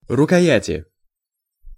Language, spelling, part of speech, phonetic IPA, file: Russian, рукояти, noun, [rʊkɐˈjætʲɪ], Ru-рукояти.ogg
- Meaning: inflection of рукоя́ть (rukojátʹ): 1. genitive/dative/prepositional singular 2. nominative/accusative plural